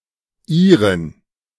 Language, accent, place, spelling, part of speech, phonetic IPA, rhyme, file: German, Germany, Berlin, Irin, noun, [ˈiːʁɪn], -iːʁɪn, De-Irin.ogg
- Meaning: Irishwoman (woman from Ireland)